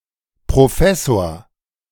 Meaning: professor
- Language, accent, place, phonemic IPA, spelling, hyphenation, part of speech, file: German, Germany, Berlin, /pʁoˈfɛsoːɐ̯/, Professor, Pro‧fes‧sor, noun, De-Professor.ogg